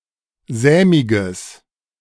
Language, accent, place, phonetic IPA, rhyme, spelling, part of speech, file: German, Germany, Berlin, [ˈzɛːmɪɡəs], -ɛːmɪɡəs, sämiges, adjective, De-sämiges.ogg
- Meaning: strong/mixed nominative/accusative neuter singular of sämig